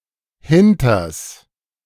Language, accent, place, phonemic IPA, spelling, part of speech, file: German, Germany, Berlin, /ˈhɪntɐs/, hinters, contraction, De-hinters.ogg
- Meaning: contraction of hinter + das: behind the, to the rear of the